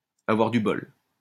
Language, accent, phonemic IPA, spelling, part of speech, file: French, France, /a.vwaʁ dy bɔl/, avoir du bol, verb, LL-Q150 (fra)-avoir du bol.wav
- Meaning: to be lucky, to be jammy, to be fortunate